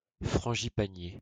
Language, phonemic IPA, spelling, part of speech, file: French, /fʁɑ̃.ʒi.pa.nje/, frangipanier, noun, LL-Q150 (fra)-frangipanier.wav
- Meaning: frangipani (tree)